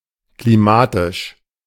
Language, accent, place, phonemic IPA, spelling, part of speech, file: German, Germany, Berlin, /kliˈmaːtɪʃ/, klimatisch, adjective, De-klimatisch.ogg
- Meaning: climatic